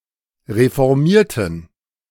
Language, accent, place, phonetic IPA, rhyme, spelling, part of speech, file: German, Germany, Berlin, [ʁefɔʁˈmiːɐ̯tn̩], -iːɐ̯tn̩, reformierten, verb / adjective, De-reformierten.ogg
- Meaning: inflection of reformieren: 1. first/third-person plural preterite 2. first/third-person plural subjunctive II